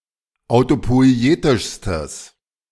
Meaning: strong/mixed nominative/accusative neuter singular superlative degree of autopoietisch
- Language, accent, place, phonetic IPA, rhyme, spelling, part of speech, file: German, Germany, Berlin, [aʊ̯topɔɪ̯ˈeːtɪʃstəs], -eːtɪʃstəs, autopoietischstes, adjective, De-autopoietischstes.ogg